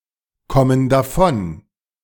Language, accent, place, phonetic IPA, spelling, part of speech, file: German, Germany, Berlin, [ˌkɔmən daˈfɔn], kommen davon, verb, De-kommen davon.ogg
- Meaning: inflection of davonkommen: 1. first/third-person plural present 2. first/third-person plural subjunctive I